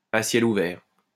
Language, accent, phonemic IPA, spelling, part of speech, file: French, France, /a sjɛl u.vɛʁ/, à ciel ouvert, adjective, LL-Q150 (fra)-à ciel ouvert.wav
- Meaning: 1. open-air, alfresco 2. transparent, unhidden, open